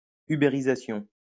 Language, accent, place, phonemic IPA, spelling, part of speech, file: French, France, Lyon, /y.be.ʁi.za.sjɔ̃/, uberisation, noun, LL-Q150 (fra)-uberisation.wav
- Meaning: alternative spelling of ubérisation